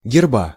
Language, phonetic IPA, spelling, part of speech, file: Russian, [ɡʲɪrˈba], герба, noun, Ru-герба.ogg
- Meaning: genitive singular of герб (gerb)